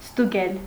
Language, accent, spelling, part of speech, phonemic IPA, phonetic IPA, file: Armenian, Eastern Armenian, ստուգել, verb, /stuˈɡel/, [stuɡél], Hy-ստուգել.ogg
- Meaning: to check, verify, control, inspect